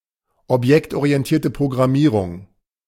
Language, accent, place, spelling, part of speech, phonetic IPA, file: German, Germany, Berlin, objektorientierte Programmierung, noun, [ɔpˌjɛktʔoʁiɛntiːɐ̯tə pʁoɡʁaˈmiːʁʊŋ], De-objektorientierte Programmierung.ogg
- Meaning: object-oriented programming